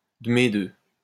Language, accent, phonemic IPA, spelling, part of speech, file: French, France, /də me dø/, de mes deux, adjective, LL-Q150 (fra)-de mes deux.wav
- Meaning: pesky, damned, bloody, fucking (as an intensifier)